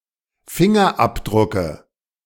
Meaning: dative singular of Fingerabdruck
- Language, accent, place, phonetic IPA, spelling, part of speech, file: German, Germany, Berlin, [ˈfɪŋɐˌʔapdʁʊkə], Fingerabdrucke, noun, De-Fingerabdrucke.ogg